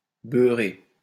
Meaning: 1. to butter, to rub with butter 2. to get dirty, to soil smth. (or oneself, with se) 3. to exaggerate, to try too hard
- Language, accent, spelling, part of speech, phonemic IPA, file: French, France, beurrer, verb, /bœ.ʁe/, LL-Q150 (fra)-beurrer.wav